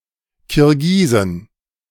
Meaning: plural of Kirgise
- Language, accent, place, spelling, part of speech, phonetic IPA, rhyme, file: German, Germany, Berlin, Kirgisen, noun, [kɪʁˈɡiːzn̩], -iːzn̩, De-Kirgisen.ogg